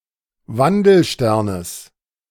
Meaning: genitive singular of Wandelstern
- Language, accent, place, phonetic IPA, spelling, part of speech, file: German, Germany, Berlin, [ˈvandl̩ˌʃtɛʁnəs], Wandelsternes, noun, De-Wandelsternes.ogg